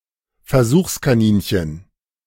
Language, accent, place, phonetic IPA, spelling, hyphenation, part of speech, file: German, Germany, Berlin, [fɛɐ̯ˈzuːχskaˌniːnçən], Versuchskaninchen, Ver‧suchs‧ka‧nin‧chen, noun, De-Versuchskaninchen.ogg
- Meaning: guinea pig (volunteer for an experiment)